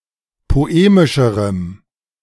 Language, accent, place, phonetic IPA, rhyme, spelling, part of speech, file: German, Germany, Berlin, [poˈeːmɪʃəʁəm], -eːmɪʃəʁəm, poemischerem, adjective, De-poemischerem.ogg
- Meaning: strong dative masculine/neuter singular comparative degree of poemisch